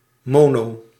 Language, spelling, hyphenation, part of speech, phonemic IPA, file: Dutch, mono-, mo‧no-, prefix, /ˈmoː.noː-/, Nl-mono-.ogg
- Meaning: mono- (having only one of something)